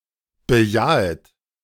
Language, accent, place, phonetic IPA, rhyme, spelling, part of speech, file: German, Germany, Berlin, [bəˈjaːət], -aːət, bejahet, verb, De-bejahet.ogg
- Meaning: second-person plural subjunctive I of bejahen